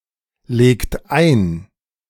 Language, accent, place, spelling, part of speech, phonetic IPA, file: German, Germany, Berlin, legt ein, verb, [ˌleːkt ˈaɪ̯n], De-legt ein.ogg
- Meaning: inflection of einlegen: 1. second-person plural present 2. third-person singular present 3. plural imperative